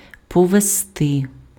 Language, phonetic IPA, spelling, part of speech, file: Ukrainian, [pɔʋezˈtɪ], повезти, verb, Uk-повезти.ogg
- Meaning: to carry (by vehicle), to transport, to haul